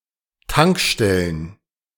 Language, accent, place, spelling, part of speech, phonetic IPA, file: German, Germany, Berlin, Tankstellen, noun, [ˈtaŋkˌʃtɛlən], De-Tankstellen.ogg
- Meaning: plural of Tankstelle